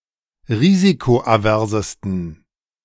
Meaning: 1. superlative degree of risikoavers 2. inflection of risikoavers: strong genitive masculine/neuter singular superlative degree
- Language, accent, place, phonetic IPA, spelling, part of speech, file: German, Germany, Berlin, [ˈʁiːzikoʔaˌvɛʁzəstn̩], risikoaversesten, adjective, De-risikoaversesten.ogg